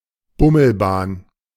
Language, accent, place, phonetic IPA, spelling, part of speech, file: German, Germany, Berlin, [ˈbʊml̩ˌbaːn], Bummelbahn, noun, De-Bummelbahn.ogg
- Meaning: A slow local train